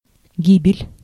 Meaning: 1. loss, death, demise (due to a violent or unnatural cause, e.g. war, accident, or natural disaster) 2. destruction, ruin
- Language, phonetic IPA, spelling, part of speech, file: Russian, [ˈɡʲibʲɪlʲ], гибель, noun, Ru-гибель.ogg